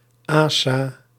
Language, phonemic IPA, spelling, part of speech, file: Dutch, /ˈasa/, asa, conjunction, Nl-asa.ogg
- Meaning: abbreviation of als en slechts als (“iff”)